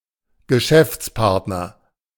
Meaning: business partner
- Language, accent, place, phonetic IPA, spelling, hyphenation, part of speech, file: German, Germany, Berlin, [ɡəˈʃɛft͡sˌpaʁtnɐ], Geschäftspartner, Ge‧schäfts‧part‧ner, noun, De-Geschäftspartner.ogg